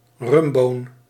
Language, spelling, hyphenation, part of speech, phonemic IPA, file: Dutch, rumboon, rum‧boon, noun, /ˈrʏm.boːn/, Nl-rumboon.ogg
- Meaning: a bean-shaped praline with a rum filling